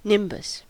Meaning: 1. A circle of light; a halo 2. A grey rain cloud
- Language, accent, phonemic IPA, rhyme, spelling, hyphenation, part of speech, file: English, General American, /ˈnɪmbəs/, -ɪmbəs, nimbus, nimb‧us, noun, En-us-nimbus.ogg